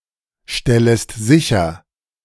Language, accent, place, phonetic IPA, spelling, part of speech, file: German, Germany, Berlin, [ˌʃtɛləst ˈzɪçɐ], stellest sicher, verb, De-stellest sicher.ogg
- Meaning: second-person singular subjunctive I of sicherstellen